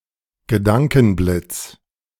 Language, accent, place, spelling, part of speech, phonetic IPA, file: German, Germany, Berlin, Gedankenblitz, noun, [ɡəˈdaŋkn̩ˌblɪt͡s], De-Gedankenblitz.ogg
- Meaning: sudden inspiration, brainwave, flash of insight